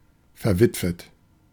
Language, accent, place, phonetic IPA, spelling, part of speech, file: German, Germany, Berlin, [fɛɐ̯ˈvɪtvət], verwitwet, adjective, De-verwitwet.ogg
- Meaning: widowed